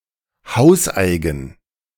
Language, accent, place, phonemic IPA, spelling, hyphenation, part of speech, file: German, Germany, Berlin, /ˈhaʊ̯sˌaɪ̯ɡn̩/, hauseigen, haus‧ei‧gen, adjective, De-hauseigen.ogg
- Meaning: in house, housemade